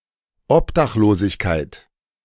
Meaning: homelessness
- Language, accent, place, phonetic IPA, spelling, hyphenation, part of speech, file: German, Germany, Berlin, [ˈɔpdaxloːzɪçkaɪ̯t], Obdachlosigkeit, Ob‧dach‧lo‧sig‧keit, noun, De-Obdachlosigkeit.ogg